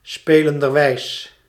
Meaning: playfully, through play
- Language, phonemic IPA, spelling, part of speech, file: Dutch, /ˈspeləndərˌwɛis/, spelenderwijs, adverb, Nl-spelenderwijs.ogg